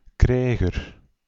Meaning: warrior
- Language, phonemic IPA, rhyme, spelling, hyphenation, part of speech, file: Dutch, /ˈkrɛi̯.ɣər/, -ɛi̯ɣər, krijger, krij‧ger, noun, Nl-krijger.ogg